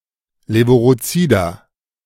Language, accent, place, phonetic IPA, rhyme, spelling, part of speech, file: German, Germany, Berlin, [ˌleːvuʁoˈt͡siːdɐ], -iːdɐ, levurozider, adjective, De-levurozider.ogg
- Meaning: inflection of levurozid: 1. strong/mixed nominative masculine singular 2. strong genitive/dative feminine singular 3. strong genitive plural